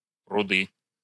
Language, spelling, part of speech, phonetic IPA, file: Russian, пруды, noun, [prʊˈdɨ], Ru-пруды.ogg
- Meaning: nominative/accusative plural of пруд (prud)